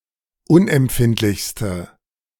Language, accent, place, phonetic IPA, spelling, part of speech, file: German, Germany, Berlin, [ˈʊnʔɛmˌpfɪntlɪçstə], unempfindlichste, adjective, De-unempfindlichste.ogg
- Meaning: inflection of unempfindlich: 1. strong/mixed nominative/accusative feminine singular superlative degree 2. strong nominative/accusative plural superlative degree